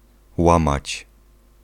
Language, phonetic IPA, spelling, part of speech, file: Polish, [ˈwãmat͡ɕ], łamać, verb, Pl-łamać.ogg